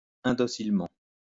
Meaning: intractably
- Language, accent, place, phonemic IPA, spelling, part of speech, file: French, France, Lyon, /ɛ̃.dɔ.sil.mɑ̃/, indocilement, adverb, LL-Q150 (fra)-indocilement.wav